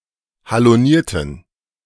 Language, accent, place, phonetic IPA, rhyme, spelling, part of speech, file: German, Germany, Berlin, [haloˈniːɐ̯tn̩], -iːɐ̯tn̩, halonierten, adjective, De-halonierten.ogg
- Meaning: inflection of haloniert: 1. strong genitive masculine/neuter singular 2. weak/mixed genitive/dative all-gender singular 3. strong/weak/mixed accusative masculine singular 4. strong dative plural